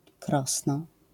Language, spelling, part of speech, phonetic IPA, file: Polish, krosno, noun, [ˈkrɔsnɔ], LL-Q809 (pol)-krosno.wav